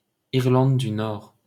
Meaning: Northern Ireland (a constituent country and province of the United Kingdom, situated in the northeastern part of the island of Ireland)
- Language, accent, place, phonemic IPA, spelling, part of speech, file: French, France, Paris, /iʁ.lɑ̃d dy nɔʁ/, Irlande du Nord, proper noun, LL-Q150 (fra)-Irlande du Nord.wav